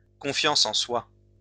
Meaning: self-confidence
- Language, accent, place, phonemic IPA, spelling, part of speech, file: French, France, Lyon, /kɔ̃.fjɑ̃s ɑ̃ swa/, confiance en soi, noun, LL-Q150 (fra)-confiance en soi.wav